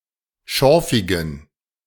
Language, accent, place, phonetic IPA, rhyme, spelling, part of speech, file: German, Germany, Berlin, [ˈʃɔʁfɪɡn̩], -ɔʁfɪɡn̩, schorfigen, adjective, De-schorfigen.ogg
- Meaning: inflection of schorfig: 1. strong genitive masculine/neuter singular 2. weak/mixed genitive/dative all-gender singular 3. strong/weak/mixed accusative masculine singular 4. strong dative plural